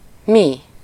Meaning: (pronoun) 1. we 2. what? 3. something, anything, nothing; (interjection) how …!, what (a) …!; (noun) mi (a syllable used in solfège to represent the third note of a major scale)
- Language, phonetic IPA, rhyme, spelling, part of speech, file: Hungarian, [ˈmi], -mi, mi, pronoun / determiner / interjection / noun, Hu-mi.ogg